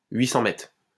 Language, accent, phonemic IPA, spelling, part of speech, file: French, France, /ɥi.sɑ̃ mɛtʁ/, 800 mètres, noun, LL-Q150 (fra)-800 mètres.wav
- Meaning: 800 metres